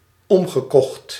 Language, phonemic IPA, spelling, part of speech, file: Dutch, /ˈɔmɣəˌkɔxt/, omgekocht, verb, Nl-omgekocht.ogg
- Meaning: past participle of omkopen